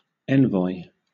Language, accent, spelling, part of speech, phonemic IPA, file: English, Southern England, envoy, noun, /ˈɛn.vɔɪ/, LL-Q1860 (eng)-envoy.wav
- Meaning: 1. A diplomatic agent of the second rank, next in status after an ambassador 2. A representative 3. A diplomat 4. A messenger 5. Alternative spelling of envoi (“short stanza at end of poem”)